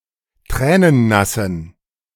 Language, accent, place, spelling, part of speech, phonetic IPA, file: German, Germany, Berlin, tränennassen, adjective, [ˈtʁɛːnənˌnasn̩], De-tränennassen.ogg
- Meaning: inflection of tränennass: 1. strong genitive masculine/neuter singular 2. weak/mixed genitive/dative all-gender singular 3. strong/weak/mixed accusative masculine singular 4. strong dative plural